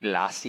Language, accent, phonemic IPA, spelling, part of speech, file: English, US, /ˈɡlɔsi/, glossy, adjective / noun, En-us-glossy.ogg
- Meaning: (adjective) 1. Having a smooth, silklike, reflective (shiny) surface 2. Attention-grabbing and superficially attractive; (noun) 1. A glossy magazine 2. A glossy photograph